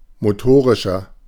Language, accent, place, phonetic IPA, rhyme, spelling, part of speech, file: German, Germany, Berlin, [moˈtoːʁɪʃɐ], -oːʁɪʃɐ, motorischer, adjective, De-motorischer.ogg
- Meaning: inflection of motorisch: 1. strong/mixed nominative masculine singular 2. strong genitive/dative feminine singular 3. strong genitive plural